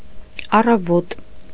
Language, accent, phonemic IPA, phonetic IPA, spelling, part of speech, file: Armenian, Eastern Armenian, /ɑrɑˈvot/, [ɑrɑvót], առավոտ, noun, Hy-առավոտ.ogg
- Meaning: 1. morning 2. youth